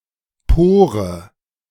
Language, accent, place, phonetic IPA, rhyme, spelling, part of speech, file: German, Germany, Berlin, [ˈpoːʁə], -oːʁə, Pore, noun, De-Pore.ogg
- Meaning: 1. pore (tiny opening in skin) 2. pore (tiny openings in other materials, especially for fluids)